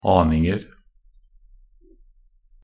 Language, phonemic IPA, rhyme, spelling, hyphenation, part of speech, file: Norwegian Bokmål, /ˈɑːnɪŋər/, -ər, aninger, an‧ing‧er, noun, Nb-aninger.ogg
- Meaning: indefinite plural of aning